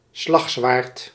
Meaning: longsword
- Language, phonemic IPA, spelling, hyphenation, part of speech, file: Dutch, /ˈslɑx.sʋaːrt/, slagzwaard, slag‧zwaard, noun, Nl-slagzwaard.ogg